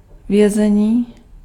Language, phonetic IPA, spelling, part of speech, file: Czech, [ˈvjɛzɛɲiː], vězení, noun, Cs-vězení.ogg
- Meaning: 1. verbal noun of vězet 2. prison, jail